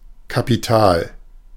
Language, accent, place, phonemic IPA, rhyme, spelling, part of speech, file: German, Germany, Berlin, /kapiˈtaːl/, -aːl, Kapital, noun / proper noun, De-Kapital.ogg
- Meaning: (noun) 1. capital 2. capitalists collectively; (proper noun) Das Kapital (book by Karl Marx)